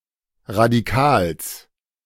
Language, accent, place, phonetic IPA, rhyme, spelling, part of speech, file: German, Germany, Berlin, [ʁadiˈkaːls], -aːls, Radikals, noun, De-Radikals.ogg
- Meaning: genitive singular of Radikal